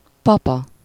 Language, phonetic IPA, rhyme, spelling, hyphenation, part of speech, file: Hungarian, [ˈpɒpɒ], -pɒ, papa, pa‧pa, noun, Hu-papa.ogg
- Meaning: 1. dad 2. granddad, grandfather